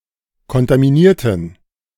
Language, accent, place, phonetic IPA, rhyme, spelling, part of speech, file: German, Germany, Berlin, [kɔntamiˈniːɐ̯tn̩], -iːɐ̯tn̩, kontaminierten, adjective / verb, De-kontaminierten.ogg
- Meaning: inflection of kontaminieren: 1. first/third-person plural preterite 2. first/third-person plural subjunctive II